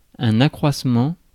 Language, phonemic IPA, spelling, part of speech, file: French, /a.kʁwas.mɑ̃/, accroissement, noun, Fr-accroissement.ogg
- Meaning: growth